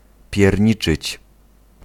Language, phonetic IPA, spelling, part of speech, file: Polish, [pʲjɛrʲˈɲit͡ʃɨt͡ɕ], pierniczyć, verb, Pl-pierniczyć.ogg